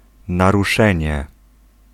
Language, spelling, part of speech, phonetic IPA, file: Polish, naruszenie, noun, [ˌnaruˈʃɛ̃ɲɛ], Pl-naruszenie.ogg